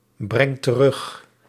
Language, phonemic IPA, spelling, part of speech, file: Dutch, /ˈbrɛŋt t(ə)ˈrʏx/, brengt terug, verb, Nl-brengt terug.ogg
- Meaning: inflection of terugbrengen: 1. second/third-person singular present indicative 2. plural imperative